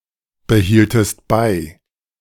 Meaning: inflection of beibehalten: 1. second-person singular preterite 2. second-person singular subjunctive II
- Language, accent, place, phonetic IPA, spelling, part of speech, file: German, Germany, Berlin, [bəˌhiːltəst ˈbaɪ̯], behieltest bei, verb, De-behieltest bei.ogg